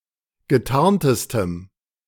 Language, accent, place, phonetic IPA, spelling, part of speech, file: German, Germany, Berlin, [ɡəˈtaʁntəstəm], getarntestem, adjective, De-getarntestem.ogg
- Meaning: strong dative masculine/neuter singular superlative degree of getarnt